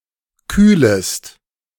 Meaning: second-person singular subjunctive I of kühlen
- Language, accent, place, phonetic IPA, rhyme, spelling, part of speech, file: German, Germany, Berlin, [ˈkyːləst], -yːləst, kühlest, verb, De-kühlest.ogg